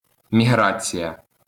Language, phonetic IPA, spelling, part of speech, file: Ukrainian, [mʲiˈɦrat͡sʲijɐ], міграція, noun, LL-Q8798 (ukr)-міграція.wav
- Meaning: migration (An instance of moving to live in another place for a while, movement in general.)